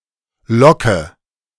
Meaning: 1. curl (single loop in hair) 2. lock or length of hair, especially when wavy or falling in a particular direction
- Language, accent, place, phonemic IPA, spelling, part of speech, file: German, Germany, Berlin, /ˈlɔkə/, Locke, noun, De-Locke2.ogg